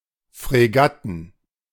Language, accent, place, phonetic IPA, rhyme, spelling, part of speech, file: German, Germany, Berlin, [fʁeˈɡatn̩], -atn̩, Fregatten, noun, De-Fregatten.ogg
- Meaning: plural of Fregatte